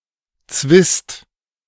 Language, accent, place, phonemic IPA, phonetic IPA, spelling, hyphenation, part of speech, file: German, Germany, Berlin, /tsvɪst/, [t͡sʋɪst], Zwist, Zwist, noun, De-Zwist.ogg
- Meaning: discordance, disagreement, quarrel